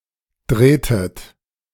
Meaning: inflection of drehen: 1. second-person plural preterite 2. second-person plural subjunctive II
- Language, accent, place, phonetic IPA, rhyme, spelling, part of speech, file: German, Germany, Berlin, [ˈdʁeːtət], -eːtət, drehtet, verb, De-drehtet.ogg